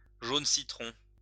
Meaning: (adjective) citron, lemon (of a greenish yellow colour); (noun) citron, lemon (colour)
- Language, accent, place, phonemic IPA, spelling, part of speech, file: French, France, Lyon, /ʒon si.tʁɔ̃/, jaune citron, adjective / noun, LL-Q150 (fra)-jaune citron.wav